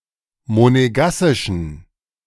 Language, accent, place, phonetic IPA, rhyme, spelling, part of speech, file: German, Germany, Berlin, [moneˈɡasɪʃn̩], -asɪʃn̩, monegassischen, adjective, De-monegassischen.ogg
- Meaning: inflection of monegassisch: 1. strong genitive masculine/neuter singular 2. weak/mixed genitive/dative all-gender singular 3. strong/weak/mixed accusative masculine singular 4. strong dative plural